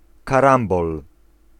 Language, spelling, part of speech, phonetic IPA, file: Polish, karambol, noun, [kaˈrãmbɔl], Pl-karambol.ogg